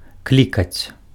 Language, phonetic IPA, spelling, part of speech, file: Belarusian, [ˈklʲikat͡sʲ], клікаць, verb, Be-клікаць.ogg
- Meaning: to call